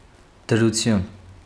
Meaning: 1. condition, state 2. status 3. position, situation
- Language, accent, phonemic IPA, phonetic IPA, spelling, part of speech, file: Armenian, Eastern Armenian, /dəɾuˈtʰjun/, [dəɾut͡sʰjún], դրություն, noun, Hy-դրություն.ogg